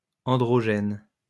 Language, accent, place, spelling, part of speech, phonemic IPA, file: French, France, Lyon, androgène, adjective, /ɑ̃.dʁɔ.ʒɛn/, LL-Q150 (fra)-androgène.wav
- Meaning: androgenous